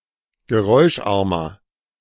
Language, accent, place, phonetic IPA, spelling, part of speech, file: German, Germany, Berlin, [ɡəˈʁɔɪ̯ʃˌʔaʁmɐ], geräuscharmer, adjective, De-geräuscharmer.ogg
- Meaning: 1. comparative degree of geräuscharm 2. inflection of geräuscharm: strong/mixed nominative masculine singular 3. inflection of geräuscharm: strong genitive/dative feminine singular